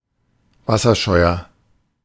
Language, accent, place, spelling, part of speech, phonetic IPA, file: German, Germany, Berlin, wasserscheuer, adjective, [ˈvasɐˌʃɔɪ̯ɐ], De-wasserscheuer.ogg
- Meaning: 1. comparative degree of wasserscheu 2. inflection of wasserscheu: strong/mixed nominative masculine singular 3. inflection of wasserscheu: strong genitive/dative feminine singular